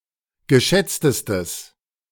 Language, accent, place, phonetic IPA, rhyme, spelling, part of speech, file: German, Germany, Berlin, [ɡəˈʃɛt͡stəstəs], -ɛt͡stəstəs, geschätztestes, adjective, De-geschätztestes.ogg
- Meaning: strong/mixed nominative/accusative neuter singular superlative degree of geschätzt